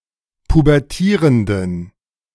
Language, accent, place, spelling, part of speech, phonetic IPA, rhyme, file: German, Germany, Berlin, pubertierenden, adjective, [pubɛʁˈtiːʁəndn̩], -iːʁəndn̩, De-pubertierenden.ogg
- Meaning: inflection of pubertierend: 1. strong genitive masculine/neuter singular 2. weak/mixed genitive/dative all-gender singular 3. strong/weak/mixed accusative masculine singular 4. strong dative plural